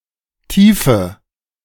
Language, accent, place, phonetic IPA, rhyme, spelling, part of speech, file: German, Germany, Berlin, [ˈtiːfə], -iːfə, tiefe, adjective, De-tiefe.ogg
- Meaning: inflection of tief: 1. strong/mixed nominative/accusative feminine singular 2. strong nominative/accusative plural 3. weak nominative all-gender singular 4. weak accusative feminine/neuter singular